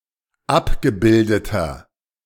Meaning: inflection of abgebildet: 1. strong/mixed nominative masculine singular 2. strong genitive/dative feminine singular 3. strong genitive plural
- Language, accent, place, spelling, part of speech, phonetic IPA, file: German, Germany, Berlin, abgebildeter, adjective, [ˈapɡəˌbɪldətɐ], De-abgebildeter.ogg